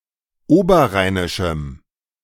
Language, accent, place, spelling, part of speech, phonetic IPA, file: German, Germany, Berlin, oberrheinischem, adjective, [ˈoːbɐˌʁaɪ̯nɪʃm̩], De-oberrheinischem.ogg
- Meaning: strong dative masculine/neuter singular of oberrheinisch